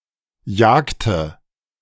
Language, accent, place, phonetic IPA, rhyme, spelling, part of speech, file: German, Germany, Berlin, [ˈjaːktə], -aːktə, jagte, verb, De-jagte.ogg
- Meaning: inflection of jagen: 1. first/third-person singular preterite 2. first/third-person singular subjunctive II